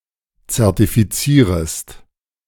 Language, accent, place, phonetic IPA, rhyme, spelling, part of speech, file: German, Germany, Berlin, [t͡sɛʁtifiˈt͡siːʁəst], -iːʁəst, zertifizierest, verb, De-zertifizierest.ogg
- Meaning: second-person singular subjunctive I of zertifizieren